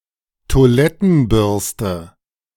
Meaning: toilet brush
- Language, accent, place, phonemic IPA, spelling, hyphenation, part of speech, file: German, Germany, Berlin, /to̯aˈlɛtn̩ˌbʏʁstə/, Toilettenbürste, Toi‧let‧ten‧bürs‧te, noun, De-Toilettenbürste.ogg